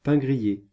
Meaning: toast (toasted bread)
- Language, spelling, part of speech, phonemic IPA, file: French, pain grillé, noun, /pɛ̃ ɡʁi.je/, Fr-pain grillé.ogg